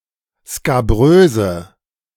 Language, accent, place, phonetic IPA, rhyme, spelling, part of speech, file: German, Germany, Berlin, [skaˈbʁøːzə], -øːzə, skabröse, adjective, De-skabröse.ogg
- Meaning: inflection of skabrös: 1. strong/mixed nominative/accusative feminine singular 2. strong nominative/accusative plural 3. weak nominative all-gender singular 4. weak accusative feminine/neuter singular